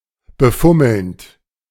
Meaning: present participle of befummeln
- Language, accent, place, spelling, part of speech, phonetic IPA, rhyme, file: German, Germany, Berlin, befummelnd, verb, [bəˈfʊml̩nt], -ʊml̩nt, De-befummelnd.ogg